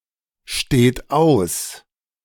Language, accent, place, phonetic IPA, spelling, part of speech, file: German, Germany, Berlin, [ˌʃteːt ˈaʊ̯s], steht aus, verb, De-steht aus.ogg
- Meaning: inflection of ausstehen: 1. third-person singular present 2. second-person plural present 3. plural imperative